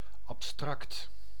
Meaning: abstract
- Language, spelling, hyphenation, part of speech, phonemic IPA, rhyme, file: Dutch, abstract, ab‧stract, adjective, /ɑpˈstrɑkt/, -ɑkt, Nl-abstract.ogg